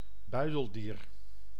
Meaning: marsupial, any member of the infraclass Marsupialia
- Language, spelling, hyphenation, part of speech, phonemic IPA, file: Dutch, buideldier, bui‧del‧dier, noun, /ˈbœy̯.dəlˌdiːr/, Nl-buideldier.ogg